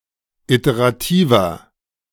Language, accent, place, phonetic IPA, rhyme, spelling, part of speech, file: German, Germany, Berlin, [ˌiteʁaˈtiːvɐ], -iːvɐ, iterativer, adjective, De-iterativer.ogg
- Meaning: inflection of iterativ: 1. strong/mixed nominative masculine singular 2. strong genitive/dative feminine singular 3. strong genitive plural